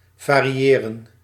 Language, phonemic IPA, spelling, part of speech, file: Dutch, /vaː.riˈeː.rə(n)/, variëren, verb, Nl-variëren.ogg
- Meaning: to vary